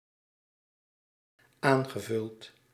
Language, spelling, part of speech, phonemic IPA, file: Dutch, aangevuld, verb, /ˈaŋɣəˌvʏlt/, Nl-aangevuld.ogg
- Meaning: past participle of aanvullen